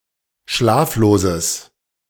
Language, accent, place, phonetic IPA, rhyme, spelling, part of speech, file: German, Germany, Berlin, [ˈʃlaːfloːzəs], -aːfloːzəs, schlafloses, adjective, De-schlafloses.ogg
- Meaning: strong/mixed nominative/accusative neuter singular of schlaflos